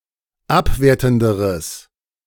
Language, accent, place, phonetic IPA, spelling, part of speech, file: German, Germany, Berlin, [ˈapˌveːɐ̯tn̩dəʁəs], abwertenderes, adjective, De-abwertenderes.ogg
- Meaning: strong/mixed nominative/accusative neuter singular comparative degree of abwertend